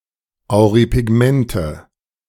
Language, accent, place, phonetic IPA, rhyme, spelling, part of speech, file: German, Germany, Berlin, [aʊ̯ʁipɪˈɡmɛntə], -ɛntə, Auripigmente, noun, De-Auripigmente.ogg
- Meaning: nominative/accusative/genitive plural of Auripigment